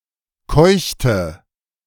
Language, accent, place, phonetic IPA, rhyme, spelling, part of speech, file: German, Germany, Berlin, [ˈkɔɪ̯çtə], -ɔɪ̯çtə, keuchte, verb, De-keuchte.ogg
- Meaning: inflection of keuchen: 1. first/third-person singular preterite 2. first/third-person singular subjunctive II